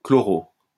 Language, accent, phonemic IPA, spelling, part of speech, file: French, France, /klɔ.ʁo/, chloro-, prefix, LL-Q150 (fra)-chloro-.wav
- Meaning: chloro-